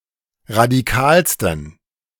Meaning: 1. superlative degree of radikal 2. inflection of radikal: strong genitive masculine/neuter singular superlative degree
- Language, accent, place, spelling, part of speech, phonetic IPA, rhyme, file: German, Germany, Berlin, radikalsten, adjective, [ʁadiˈkaːlstn̩], -aːlstn̩, De-radikalsten.ogg